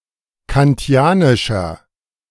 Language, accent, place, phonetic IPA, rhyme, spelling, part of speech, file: German, Germany, Berlin, [kanˈti̯aːnɪʃɐ], -aːnɪʃɐ, kantianischer, adjective, De-kantianischer.ogg
- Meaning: inflection of kantianisch: 1. strong/mixed nominative masculine singular 2. strong genitive/dative feminine singular 3. strong genitive plural